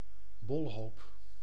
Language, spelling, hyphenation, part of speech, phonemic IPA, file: Dutch, bolhoop, bol‧hoop, noun, /ˈbɔl.ɦoːp/, Nl-bolhoop.ogg
- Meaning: globular cluster